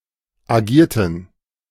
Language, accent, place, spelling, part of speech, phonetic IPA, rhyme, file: German, Germany, Berlin, agierten, verb, [aˈɡiːɐ̯tn̩], -iːɐ̯tn̩, De-agierten.ogg
- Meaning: inflection of agieren: 1. first/third-person plural preterite 2. first/third-person plural subjunctive II